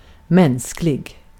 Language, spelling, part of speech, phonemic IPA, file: Swedish, mänsklig, adjective, /²mɛnsklɪ(ɡ)/, Sv-mänsklig.ogg
- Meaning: human (similar senses to English)